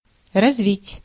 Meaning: 1. to develop, to evolve, to advance 2. to untwist, to unwind
- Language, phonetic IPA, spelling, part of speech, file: Russian, [rɐzˈvʲitʲ], развить, verb, Ru-развить.ogg